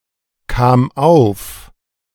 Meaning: first/third-person singular preterite of aufkommen
- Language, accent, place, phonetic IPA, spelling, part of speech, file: German, Germany, Berlin, [kaːm ˈaʊ̯f], kam auf, verb, De-kam auf.ogg